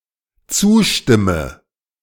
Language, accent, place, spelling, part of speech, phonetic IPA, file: German, Germany, Berlin, zustimme, verb, [ˈt͡suːˌʃtɪmə], De-zustimme.ogg
- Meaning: inflection of zustimmen: 1. first-person singular dependent present 2. first/third-person singular dependent subjunctive I